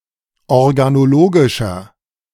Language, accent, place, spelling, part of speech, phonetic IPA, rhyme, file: German, Germany, Berlin, organologischer, adjective, [ɔʁɡanoˈloːɡɪʃɐ], -oːɡɪʃɐ, De-organologischer.ogg
- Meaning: inflection of organologisch: 1. strong/mixed nominative masculine singular 2. strong genitive/dative feminine singular 3. strong genitive plural